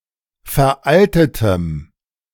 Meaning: strong dative masculine/neuter singular of veraltet
- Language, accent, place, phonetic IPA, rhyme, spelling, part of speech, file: German, Germany, Berlin, [fɛɐ̯ˈʔaltətəm], -altətəm, veraltetem, adjective, De-veraltetem.ogg